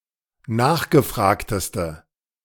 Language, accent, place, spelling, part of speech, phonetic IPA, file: German, Germany, Berlin, nachgefragteste, adjective, [ˈnaːxɡəˌfʁaːktəstə], De-nachgefragteste.ogg
- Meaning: inflection of nachgefragt: 1. strong/mixed nominative/accusative feminine singular superlative degree 2. strong nominative/accusative plural superlative degree